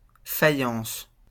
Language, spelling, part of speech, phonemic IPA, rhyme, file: French, faïence, noun, /fa.jɑ̃s/, -ɑ̃s, LL-Q150 (fra)-faïence.wav
- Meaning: faience